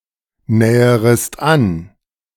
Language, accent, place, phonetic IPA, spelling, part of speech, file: German, Germany, Berlin, [ˌnɛːəʁəst ˈan], näherest an, verb, De-näherest an.ogg
- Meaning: second-person singular subjunctive I of annähern